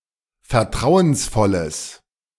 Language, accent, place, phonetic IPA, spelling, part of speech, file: German, Germany, Berlin, [fɛɐ̯ˈtʁaʊ̯ənsˌfɔləs], vertrauensvolles, adjective, De-vertrauensvolles.ogg
- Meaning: strong/mixed nominative/accusative neuter singular of vertrauensvoll